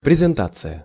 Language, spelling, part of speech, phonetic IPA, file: Russian, презентация, noun, [prʲɪzʲɪnˈtat͡sɨjə], Ru-презентация.ogg
- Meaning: 1. presentation 2. presentation: slideshow